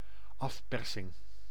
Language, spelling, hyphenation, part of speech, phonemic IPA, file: Dutch, afpersing, af‧per‧sing, noun, /ˈɑfˌpɛr.sɪŋ/, Nl-afpersing.ogg
- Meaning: extortion